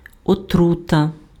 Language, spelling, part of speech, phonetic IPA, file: Ukrainian, отрута, noun, [oˈtrutɐ], Uk-отрута.ogg
- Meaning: poison